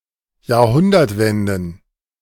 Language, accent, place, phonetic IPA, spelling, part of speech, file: German, Germany, Berlin, [jaːɐ̯ˈhʊndɐtˌvɛndn̩], Jahrhundertwenden, noun, De-Jahrhundertwenden.ogg
- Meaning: plural of Jahrhundertwende